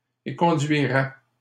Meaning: third-person plural conditional of éconduire
- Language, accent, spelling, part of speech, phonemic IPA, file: French, Canada, éconduiraient, verb, /e.kɔ̃.dɥi.ʁɛ/, LL-Q150 (fra)-éconduiraient.wav